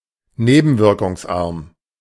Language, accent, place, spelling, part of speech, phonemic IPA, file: German, Germany, Berlin, nebenwirkungsarm, adjective, /ˈneːbn̩vɪʁkʊŋsˌʔaʁm/, De-nebenwirkungsarm.ogg
- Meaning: having few side effects